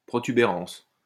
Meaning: lump, protuberance
- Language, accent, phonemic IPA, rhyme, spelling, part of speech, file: French, France, /pʁɔ.ty.be.ʁɑ̃s/, -ɑ̃s, protubérance, noun, LL-Q150 (fra)-protubérance.wav